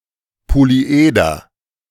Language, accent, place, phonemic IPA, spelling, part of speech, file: German, Germany, Berlin, /poliˈʔeːdɐ/, Polyeder, noun, De-Polyeder.ogg
- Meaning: polyhedron